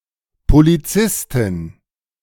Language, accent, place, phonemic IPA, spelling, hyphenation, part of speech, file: German, Germany, Berlin, /poliˈt͡sɪstɪn/, Polizistin, Po‧li‧zis‧tin, noun, De-Polizistin.ogg
- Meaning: policewoman, female police officer